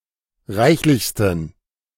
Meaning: 1. superlative degree of reichlich 2. inflection of reichlich: strong genitive masculine/neuter singular superlative degree
- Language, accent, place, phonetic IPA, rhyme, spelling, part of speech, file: German, Germany, Berlin, [ˈʁaɪ̯çlɪçstn̩], -aɪ̯çlɪçstn̩, reichlichsten, adjective, De-reichlichsten.ogg